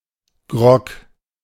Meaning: grog
- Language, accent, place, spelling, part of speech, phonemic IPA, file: German, Germany, Berlin, Grog, noun, /ɡʁɔk/, De-Grog.ogg